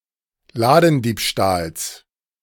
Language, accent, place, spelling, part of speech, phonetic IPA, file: German, Germany, Berlin, Ladendiebstahls, noun, [ˈlaːdn̩ˌdiːpʃtaːls], De-Ladendiebstahls.ogg
- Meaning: genitive singular of Ladendiebstahl